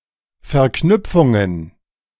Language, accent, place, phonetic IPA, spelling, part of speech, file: German, Germany, Berlin, [fɛɐ̯ˈknʏp͡fʊŋən], Verknüpfungen, noun, De-Verknüpfungen.ogg
- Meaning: plural of Verknüpfung